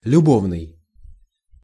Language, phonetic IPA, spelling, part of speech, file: Russian, [lʲʊˈbovnɨj], любовный, adjective, Ru-любовный.ogg
- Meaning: 1. love 2. amorous (indicating love or sexual desire) 3. loving